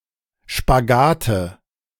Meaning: nominative/accusative/genitive plural of Spagat
- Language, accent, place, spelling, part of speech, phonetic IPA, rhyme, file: German, Germany, Berlin, Spagate, noun, [ʃpaˈɡaːtə], -aːtə, De-Spagate.ogg